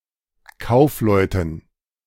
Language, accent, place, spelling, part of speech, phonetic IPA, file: German, Germany, Berlin, Kaufleuten, noun, [ˈkaʊ̯fˌlɔɪ̯tn̩], De-Kaufleuten.ogg
- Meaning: dative plural of Kaufmann